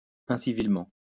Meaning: uncivilly
- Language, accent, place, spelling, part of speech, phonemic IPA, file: French, France, Lyon, incivilement, adverb, /ɛ̃.si.vil.mɑ̃/, LL-Q150 (fra)-incivilement.wav